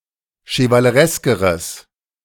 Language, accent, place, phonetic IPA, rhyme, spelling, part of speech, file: German, Germany, Berlin, [ʃəvaləˈʁɛskəʁəs], -ɛskəʁəs, chevalereskeres, adjective, De-chevalereskeres.ogg
- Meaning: strong/mixed nominative/accusative neuter singular comparative degree of chevaleresk